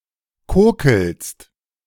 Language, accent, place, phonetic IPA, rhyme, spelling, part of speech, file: German, Germany, Berlin, [ˈkoːkl̩st], -oːkl̩st, kokelst, verb, De-kokelst.ogg
- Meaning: second-person singular present of kokeln